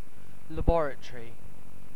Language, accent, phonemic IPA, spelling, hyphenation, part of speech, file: English, UK, /ləˈbɒɹət(ə)ɹi/, laboratory, lab‧or‧a‧to‧ry, noun, En-uk-laboratory.ogg
- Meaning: 1. A room, building or institution equipped for scientific research, experimentation or analysis 2. A place where chemicals, drugs or microbes are prepared or manufactured